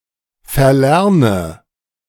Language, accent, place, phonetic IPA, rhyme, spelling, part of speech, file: German, Germany, Berlin, [fɛɐ̯ˈlɛʁnə], -ɛʁnə, verlerne, verb, De-verlerne.ogg
- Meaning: inflection of verlernen: 1. first-person singular present 2. first/third-person singular subjunctive I 3. singular imperative